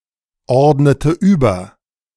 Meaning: inflection of überordnen: 1. first/third-person singular preterite 2. first/third-person singular subjunctive II
- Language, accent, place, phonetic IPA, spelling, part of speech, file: German, Germany, Berlin, [ˌɔʁdnətə ˈyːbɐ], ordnete über, verb, De-ordnete über.ogg